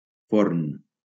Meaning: 1. oven 2. bakery
- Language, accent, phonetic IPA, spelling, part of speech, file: Catalan, Valencia, [ˈfoɾn], forn, noun, LL-Q7026 (cat)-forn.wav